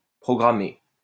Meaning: 1. to program 2. to program, to write program code
- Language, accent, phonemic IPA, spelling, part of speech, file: French, France, /pʁɔ.ɡʁa.me/, programmer, verb, LL-Q150 (fra)-programmer.wav